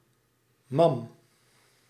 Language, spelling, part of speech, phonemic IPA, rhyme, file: Dutch, mam, noun, /mɑm/, -ɑm, Nl-mam.ogg
- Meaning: mother (mum)